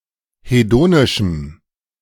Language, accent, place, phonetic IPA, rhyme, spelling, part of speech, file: German, Germany, Berlin, [heˈdoːnɪʃm̩], -oːnɪʃm̩, hedonischem, adjective, De-hedonischem.ogg
- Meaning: strong dative masculine/neuter singular of hedonisch